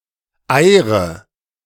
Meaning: inflection of eiern: 1. first-person singular present 2. first/third-person singular subjunctive I 3. singular imperative
- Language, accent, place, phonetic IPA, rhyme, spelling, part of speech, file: German, Germany, Berlin, [ˈaɪ̯ʁə], -aɪ̯ʁə, eire, verb, De-eire.ogg